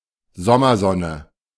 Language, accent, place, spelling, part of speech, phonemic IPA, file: German, Germany, Berlin, Sommersonne, noun, /ˈzɔmɐˌzɔnə/, De-Sommersonne.ogg
- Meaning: summer sun